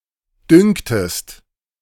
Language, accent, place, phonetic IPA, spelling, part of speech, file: German, Germany, Berlin, [ˈdʏŋktəst], dünktest, verb, De-dünktest.ogg
- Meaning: second-person singular subjunctive I of dünken